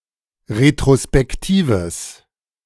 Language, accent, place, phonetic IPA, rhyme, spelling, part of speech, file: German, Germany, Berlin, [ʁetʁospɛkˈtiːvəs], -iːvəs, retrospektives, adjective, De-retrospektives.ogg
- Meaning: strong/mixed nominative/accusative neuter singular of retrospektiv